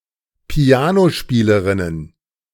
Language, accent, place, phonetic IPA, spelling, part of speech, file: German, Germany, Berlin, [ˈpi̯aːnoˌʃpiːləʁɪnən], Pianospielerinnen, noun, De-Pianospielerinnen.ogg
- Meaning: plural of Pianospielerin